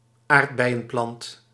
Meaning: strawberry plant
- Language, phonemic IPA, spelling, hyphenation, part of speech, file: Dutch, /ˈaːrt.bɛi̯.ə(n)ˌplɑnt/, aardbeienplant, aard‧bei‧en‧plant, noun, Nl-aardbeienplant.ogg